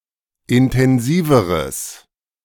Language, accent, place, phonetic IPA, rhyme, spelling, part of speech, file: German, Germany, Berlin, [ɪntɛnˈziːvəʁəs], -iːvəʁəs, intensiveres, adjective, De-intensiveres.ogg
- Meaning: strong/mixed nominative/accusative neuter singular comparative degree of intensiv